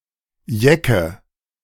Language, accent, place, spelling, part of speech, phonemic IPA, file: German, Germany, Berlin, Jecke, noun, /ˈjɛkə/, De-Jecke.ogg
- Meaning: Yekke